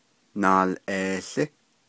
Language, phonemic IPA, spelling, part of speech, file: Navajo, /nɑ̀ːlʔèːɬɪ́/, naalʼeełí, noun, Nv-naalʼeełí.ogg
- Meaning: 1. duck 2. goose